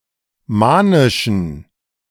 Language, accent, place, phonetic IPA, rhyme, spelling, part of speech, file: German, Germany, Berlin, [ˈmaːnɪʃn̩], -aːnɪʃn̩, manischen, adjective, De-manischen.ogg
- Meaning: inflection of manisch: 1. strong genitive masculine/neuter singular 2. weak/mixed genitive/dative all-gender singular 3. strong/weak/mixed accusative masculine singular 4. strong dative plural